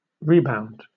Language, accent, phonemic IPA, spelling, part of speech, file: English, Southern England, /ɹiˈbaʊnd/, rebound, noun / verb, LL-Q1860 (eng)-rebound.wav
- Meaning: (noun) 1. The recoil of an object bouncing off another 2. A return to health or well-being; a recovery 3. An effort to recover from a setback